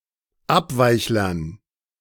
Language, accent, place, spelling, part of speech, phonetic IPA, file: German, Germany, Berlin, Abweichlern, noun, [ˈapˌvaɪ̯çlɐn], De-Abweichlern.ogg
- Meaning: dative plural of Abweichler